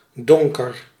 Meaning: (adjective) dark; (noun) darkness, the dark
- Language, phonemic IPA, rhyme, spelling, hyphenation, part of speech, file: Dutch, /ˈdɔŋ.kər/, -ɔŋkər, donker, don‧ker, adjective / noun, Nl-donker.ogg